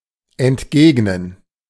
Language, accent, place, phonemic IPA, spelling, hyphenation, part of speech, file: German, Germany, Berlin, /ɛntˈɡeːɡnən/, entgegnen, ent‧geg‧nen, verb, De-entgegnen.ogg
- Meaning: to retort, to counter (to reply with a counterpoint or opposing sentiment)